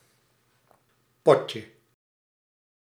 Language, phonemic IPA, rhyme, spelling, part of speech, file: Dutch, /ˈpɔ.tjə/, -ɔtjə, potje, noun, Nl-potje.ogg
- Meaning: 1. diminutive of pot 2. game, match